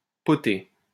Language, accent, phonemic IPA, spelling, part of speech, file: French, France, /pɔ.te/, potée, noun, LL-Q150 (fra)-potée.wav
- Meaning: 1. potful 2. a dish of meat and vegetables (often cabbage) that have been boiled together, (In France, there are as many potées as there are regions.) 3. hotpot (of various sorts)